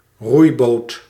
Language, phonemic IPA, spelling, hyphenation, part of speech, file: Dutch, /ˈrui̯.boːt/, roeiboot, roei‧boot, noun, Nl-roeiboot.ogg
- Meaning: a rowing boat